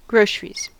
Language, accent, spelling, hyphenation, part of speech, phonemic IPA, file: English, US, groceries, gro‧cer‧ies, noun / verb, /ˈɡɹoʊ.s(ə.)ɹiz/, En-us-groceries.ogg
- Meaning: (noun) 1. Retail foodstuffs and other household supplies; the commodities sold by a grocer or in a grocery store 2. plural of grocery (store)